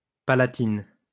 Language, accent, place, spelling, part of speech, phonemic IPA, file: French, France, Lyon, palatine, noun, /pa.la.tin/, LL-Q150 (fra)-palatine.wav
- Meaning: tippet, shoulder cape